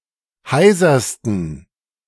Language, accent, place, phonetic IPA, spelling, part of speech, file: German, Germany, Berlin, [ˈhaɪ̯zɐstn̩], heisersten, adjective, De-heisersten.ogg
- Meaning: 1. superlative degree of heiser 2. inflection of heiser: strong genitive masculine/neuter singular superlative degree